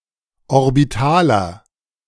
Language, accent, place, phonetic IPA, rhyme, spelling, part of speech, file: German, Germany, Berlin, [ɔʁbiˈtaːlɐ], -aːlɐ, orbitaler, adjective, De-orbitaler.ogg
- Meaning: inflection of orbital: 1. strong/mixed nominative masculine singular 2. strong genitive/dative feminine singular 3. strong genitive plural